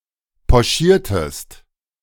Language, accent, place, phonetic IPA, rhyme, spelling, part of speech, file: German, Germany, Berlin, [pɔˈʃiːɐ̯tət], -iːɐ̯tət, pochiertet, verb, De-pochiertet.ogg
- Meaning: inflection of pochieren: 1. second-person plural preterite 2. second-person plural subjunctive II